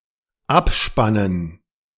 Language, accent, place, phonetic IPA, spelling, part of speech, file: German, Germany, Berlin, [ˈapˌʃpanən], Abspannen, noun, De-Abspannen.ogg
- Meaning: dative plural of Abspann